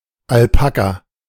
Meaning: 1. alpaca (mammal) 2. alpaca, alpacca, nickel silver (metal alloy) 3. a type of guinea pig with long hair
- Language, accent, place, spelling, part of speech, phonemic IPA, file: German, Germany, Berlin, Alpaka, noun, /alˈpaka/, De-Alpaka.ogg